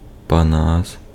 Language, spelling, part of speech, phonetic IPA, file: Ukrainian, Панас, proper noun, [pɐˈnas], Uk-Панас.ogg
- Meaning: 1. a surname, Panas 2. a male given name, Panas